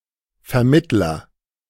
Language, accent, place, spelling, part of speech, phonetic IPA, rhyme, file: German, Germany, Berlin, Vermittler, noun, [fɛɐ̯ˈmɪtlɐ], -ɪtlɐ, De-Vermittler.ogg
- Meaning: 1. agent noun of vermitteln 2. mediator, intermediator, intermediary, go-between, negotiator, broker